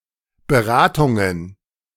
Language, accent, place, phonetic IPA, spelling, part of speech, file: German, Germany, Berlin, [bəˈʁaːtʊŋən], Beratungen, noun, De-Beratungen.ogg
- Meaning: plural of Beratung